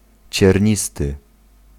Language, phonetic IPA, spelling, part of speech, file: Polish, [t͡ɕɛrʲˈɲistɨ], ciernisty, adjective, Pl-ciernisty.ogg